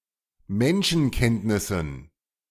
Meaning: dative plural of Menschenkenntnis
- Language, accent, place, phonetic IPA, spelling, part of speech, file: German, Germany, Berlin, [ˈmɛnʃn̩ˌkɛntnɪsn̩], Menschenkenntnissen, noun, De-Menschenkenntnissen.ogg